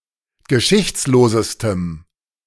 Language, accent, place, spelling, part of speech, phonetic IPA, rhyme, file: German, Germany, Berlin, geschichtslosestem, adjective, [ɡəˈʃɪçt͡sloːzəstəm], -ɪçt͡sloːzəstəm, De-geschichtslosestem.ogg
- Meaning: strong dative masculine/neuter singular superlative degree of geschichtslos